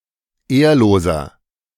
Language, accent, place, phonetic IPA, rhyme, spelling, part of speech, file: German, Germany, Berlin, [ˈeːɐ̯loːzɐ], -eːɐ̯loːzɐ, ehrloser, adjective, De-ehrloser.ogg
- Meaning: 1. comparative degree of ehrlos 2. inflection of ehrlos: strong/mixed nominative masculine singular 3. inflection of ehrlos: strong genitive/dative feminine singular